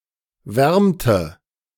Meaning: first/third-person singular preterite of wärmen
- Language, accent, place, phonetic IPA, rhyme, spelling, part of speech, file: German, Germany, Berlin, [ˈvɛʁmtə], -ɛʁmtə, wärmte, verb, De-wärmte.ogg